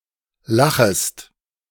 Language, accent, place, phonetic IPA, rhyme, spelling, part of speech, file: German, Germany, Berlin, [ˈlaxəst], -axəst, lachest, verb, De-lachest.ogg
- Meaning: second-person singular subjunctive I of lachen